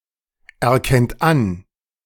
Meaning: inflection of anerkennen: 1. third-person singular present 2. second-person plural present 3. plural imperative
- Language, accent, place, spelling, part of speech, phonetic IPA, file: German, Germany, Berlin, erkennt an, verb, [ɛɐ̯ˌkɛnt ˈan], De-erkennt an.ogg